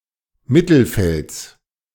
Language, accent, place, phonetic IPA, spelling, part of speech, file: German, Germany, Berlin, [ˈmɪtl̩ˌfɛlt͡s], Mittelfelds, noun, De-Mittelfelds.ogg
- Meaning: genitive singular of Mittelfeld